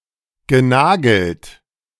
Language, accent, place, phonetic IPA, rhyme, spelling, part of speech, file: German, Germany, Berlin, [ɡəˈnaːɡl̩t], -aːɡl̩t, genagelt, verb, De-genagelt.ogg
- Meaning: past participle of nageln